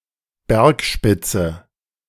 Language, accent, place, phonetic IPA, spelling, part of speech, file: German, Germany, Berlin, [ˈbɛʁkˌʃpɪt͡sə], Bergspitze, noun, De-Bergspitze.ogg
- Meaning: peak of mountain, mountaintop